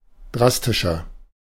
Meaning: 1. comparative degree of drastisch 2. inflection of drastisch: strong/mixed nominative masculine singular 3. inflection of drastisch: strong genitive/dative feminine singular
- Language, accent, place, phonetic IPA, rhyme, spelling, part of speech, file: German, Germany, Berlin, [ˈdʁastɪʃɐ], -astɪʃɐ, drastischer, adjective, De-drastischer.ogg